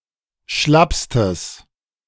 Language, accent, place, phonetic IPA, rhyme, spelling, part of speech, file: German, Germany, Berlin, [ˈʃlapstəs], -apstəs, schlappstes, adjective, De-schlappstes.ogg
- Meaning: strong/mixed nominative/accusative neuter singular superlative degree of schlapp